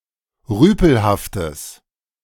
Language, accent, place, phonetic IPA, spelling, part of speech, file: German, Germany, Berlin, [ˈʁyːpl̩haftəs], rüpelhaftes, adjective, De-rüpelhaftes.ogg
- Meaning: strong/mixed nominative/accusative neuter singular of rüpelhaft